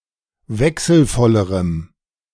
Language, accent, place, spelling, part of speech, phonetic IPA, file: German, Germany, Berlin, wechselvollerem, adjective, [ˈvɛksl̩ˌfɔləʁəm], De-wechselvollerem.ogg
- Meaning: strong dative masculine/neuter singular comparative degree of wechselvoll